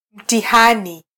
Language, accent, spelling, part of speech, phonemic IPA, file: Swahili, Kenya, mtihani, noun, /m̩.tiˈhɑ.ni/, Sw-ke-mtihani.flac
- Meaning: examination, test